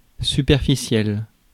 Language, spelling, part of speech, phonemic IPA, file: French, superficiel, adjective, /sy.pɛʁ.fi.sjɛl/, Fr-superficiel.ogg
- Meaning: 1. surface 2. superficial, shallow (lacking substance)